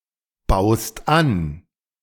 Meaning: second-person singular present of anbauen
- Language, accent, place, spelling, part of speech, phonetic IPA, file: German, Germany, Berlin, baust an, verb, [ˌbaʊ̯st ˈan], De-baust an.ogg